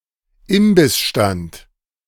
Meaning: food stall
- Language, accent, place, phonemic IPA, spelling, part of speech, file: German, Germany, Berlin, /ˈɪmbɪsˌʃtant/, Imbissstand, noun, De-Imbissstand.ogg